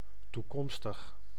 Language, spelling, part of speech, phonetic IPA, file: Dutch, toekomstig, adjective, [tuˈkɔmstɪx], Nl-toekomstig.ogg
- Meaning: future, having to do with or occurring in the future